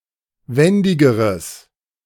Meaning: strong/mixed nominative/accusative neuter singular comparative degree of wendig
- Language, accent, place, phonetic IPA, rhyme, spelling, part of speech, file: German, Germany, Berlin, [ˈvɛndɪɡəʁəs], -ɛndɪɡəʁəs, wendigeres, adjective, De-wendigeres.ogg